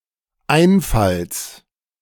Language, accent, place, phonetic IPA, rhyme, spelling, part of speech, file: German, Germany, Berlin, [ˈaɪ̯nˌfals], -aɪ̯nfals, Einfalls, noun, De-Einfalls.ogg
- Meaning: genitive singular of Einfall